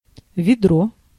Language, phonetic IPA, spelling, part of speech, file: Russian, [vʲɪˈdro], ведро, noun, Ru-ведро.ogg
- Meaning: 1. bucket, pail 2. vedro; an ancient Russian measure of liquids equal to 12.3 liters (¹⁄₄₀ бочки) 3. rustbucket, bucket of bolts (a run-down automobile or machine)